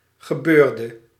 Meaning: inflection of gebeuren: 1. singular past indicative 2. singular past subjunctive
- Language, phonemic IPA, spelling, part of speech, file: Dutch, /ɣəˈbørdə/, gebeurde, verb / noun, Nl-gebeurde.ogg